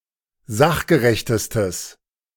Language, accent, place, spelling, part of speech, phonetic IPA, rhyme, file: German, Germany, Berlin, sachgerechtestes, adjective, [ˈzaxɡəʁɛçtəstəs], -axɡəʁɛçtəstəs, De-sachgerechtestes.ogg
- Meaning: strong/mixed nominative/accusative neuter singular superlative degree of sachgerecht